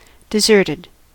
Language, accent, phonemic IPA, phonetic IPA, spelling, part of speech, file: English, US, /dəˈzɜɹtəd/, [dəˈzɝɾəd], deserted, verb / adjective, En-us-deserted.ogg
- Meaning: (verb) simple past and past participle of desert; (adjective) 1. Abandoned, without people 2. desolate